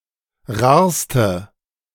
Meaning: inflection of rar: 1. strong/mixed nominative/accusative feminine singular superlative degree 2. strong nominative/accusative plural superlative degree
- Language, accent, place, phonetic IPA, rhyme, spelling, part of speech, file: German, Germany, Berlin, [ˈʁaːɐ̯stə], -aːɐ̯stə, rarste, adjective, De-rarste.ogg